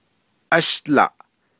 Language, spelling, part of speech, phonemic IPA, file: Navajo, ashdlaʼ, numeral, /ʔɑ̀ʃt͡lɑ̀ʔ/, Nv-ashdlaʼ.ogg
- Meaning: five